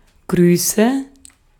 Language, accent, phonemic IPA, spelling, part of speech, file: German, Austria, /ˈɡʁyːsə/, Grüße, noun, De-at-Grüße.ogg
- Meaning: nominative/accusative/genitive plural of Gruß